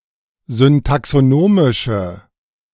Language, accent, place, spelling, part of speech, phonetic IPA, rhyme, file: German, Germany, Berlin, syntaxonomische, adjective, [zʏntaksoˈnoːmɪʃə], -oːmɪʃə, De-syntaxonomische.ogg
- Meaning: inflection of syntaxonomisch: 1. strong/mixed nominative/accusative feminine singular 2. strong nominative/accusative plural 3. weak nominative all-gender singular